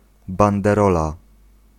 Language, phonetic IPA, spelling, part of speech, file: Polish, [ˌbãndɛˈrɔla], banderola, noun, Pl-banderola.ogg